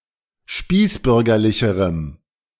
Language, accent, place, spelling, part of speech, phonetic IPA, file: German, Germany, Berlin, spießbürgerlicherem, adjective, [ˈʃpiːsˌbʏʁɡɐlɪçəʁəm], De-spießbürgerlicherem.ogg
- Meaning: strong dative masculine/neuter singular comparative degree of spießbürgerlich